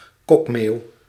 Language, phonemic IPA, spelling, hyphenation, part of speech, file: Dutch, /ˈkɔk.meːu̯/, kokmeeuw, kok‧meeuw, noun, Nl-kokmeeuw.ogg
- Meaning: 1. black-headed gull (Chroicocephalus ridibundus) 2. synonym of grote mantelmeeuw (“Larus marinus”)